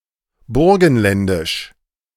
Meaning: of Burgenland
- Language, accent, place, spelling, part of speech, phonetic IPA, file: German, Germany, Berlin, burgenländisch, adjective, [ˈbʊʁɡn̩ˌlɛndɪʃ], De-burgenländisch.ogg